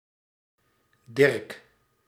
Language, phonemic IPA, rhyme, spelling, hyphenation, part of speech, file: Dutch, /dɪrk/, -ɪrk, Dirk, Dirk, proper noun, Nl-Dirk.ogg
- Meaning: a diminutive of the male given name Diederik